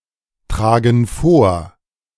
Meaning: inflection of vortragen: 1. first/third-person plural present 2. first/third-person plural subjunctive I
- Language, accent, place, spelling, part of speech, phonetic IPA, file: German, Germany, Berlin, tragen vor, verb, [ˌtʁaːɡn̩ ˈfoːɐ̯], De-tragen vor.ogg